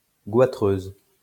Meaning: feminine singular of goitreux
- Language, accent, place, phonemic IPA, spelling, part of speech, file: French, France, Lyon, /ɡwa.tʁøz/, goitreuse, adjective, LL-Q150 (fra)-goitreuse.wav